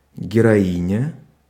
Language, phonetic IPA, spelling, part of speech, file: Russian, [ɡʲɪrɐˈinʲə], героиня, noun, Ru-героиня.ogg
- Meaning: female equivalent of геро́й (gerój): heroine (female hero)